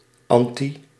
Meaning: anti-
- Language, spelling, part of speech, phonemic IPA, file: Dutch, anti-, prefix, /ˈɑn.ti/, Nl-anti-.ogg